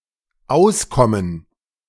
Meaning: 1. to get along 2. to be able to get by 3. to be fitting or convenient 4. to escape, to give someone the slip 5. to succeed, to work out 6. to break out, to hatch, to go out
- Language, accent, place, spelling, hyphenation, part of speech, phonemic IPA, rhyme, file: German, Germany, Berlin, auskommen, aus‧kom‧men, verb, /ˈʔaʊ̯sˌkɔmən/, -aʊ̯skɔmən, De-auskommen.ogg